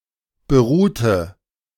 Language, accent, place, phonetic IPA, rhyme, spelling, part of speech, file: German, Germany, Berlin, [bəˈʁuːtə], -uːtə, beruhte, verb, De-beruhte.ogg
- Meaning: inflection of beruht: 1. strong/mixed nominative/accusative feminine singular 2. strong nominative/accusative plural 3. weak nominative all-gender singular 4. weak accusative feminine/neuter singular